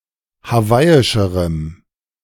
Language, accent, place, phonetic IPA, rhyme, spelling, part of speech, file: German, Germany, Berlin, [haˈvaɪ̯ɪʃəʁəm], -aɪ̯ɪʃəʁəm, hawaiischerem, adjective, De-hawaiischerem.ogg
- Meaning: strong dative masculine/neuter singular comparative degree of hawaiisch